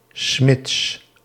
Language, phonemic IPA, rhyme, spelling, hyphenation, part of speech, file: Dutch, /smɪts/, -ɪts, Smits, Smits, proper noun, Nl-Smits.ogg
- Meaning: a surname